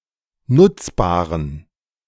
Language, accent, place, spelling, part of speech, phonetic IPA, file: German, Germany, Berlin, nutzbaren, adjective, [ˈnʊt͡sˌbaːʁən], De-nutzbaren.ogg
- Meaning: inflection of nutzbar: 1. strong genitive masculine/neuter singular 2. weak/mixed genitive/dative all-gender singular 3. strong/weak/mixed accusative masculine singular 4. strong dative plural